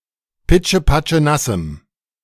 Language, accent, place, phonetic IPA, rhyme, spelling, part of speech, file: German, Germany, Berlin, [ˌpɪt͡ʃəpat͡ʃəˈnasm̩], -asm̩, pitschepatschenassem, adjective, De-pitschepatschenassem.ogg
- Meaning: strong dative masculine/neuter singular of pitschepatschenass